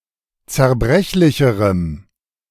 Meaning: strong dative masculine/neuter singular comparative degree of zerbrechlich
- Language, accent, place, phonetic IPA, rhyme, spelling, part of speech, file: German, Germany, Berlin, [t͡sɛɐ̯ˈbʁɛçlɪçəʁəm], -ɛçlɪçəʁəm, zerbrechlicherem, adjective, De-zerbrechlicherem.ogg